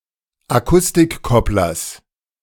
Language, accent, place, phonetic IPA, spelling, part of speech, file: German, Germany, Berlin, [aˈkʊstɪkˌkɔplɐs], Akustikkopplers, noun, De-Akustikkopplers.ogg
- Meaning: genitive singular of Akustikkoppler